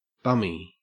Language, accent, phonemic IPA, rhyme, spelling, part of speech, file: English, Australia, /ˈbʌmi/, -ʌmi, bummy, adjective / noun, En-au-bummy.ogg
- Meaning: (adjective) Like a bum (homeless person or hobo); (noun) bottom; buttocks; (adjective) Lousy; depressed or disappointed